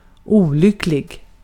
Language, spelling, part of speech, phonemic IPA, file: Swedish, olycklig, adjective, /²uːˌlʏklɪ(ɡ)/, Sv-olycklig.ogg
- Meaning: 1. unhappy, sad, discontented 2. unfortunate